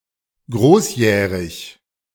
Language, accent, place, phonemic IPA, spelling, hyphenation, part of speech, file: German, Germany, Berlin, /ˈɡʁoːsˌjɛːʁɪç/, großjährig, groß‧jäh‧rig, adjective, De-großjährig.ogg
- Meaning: synonym of volljährig (“of age, adult”)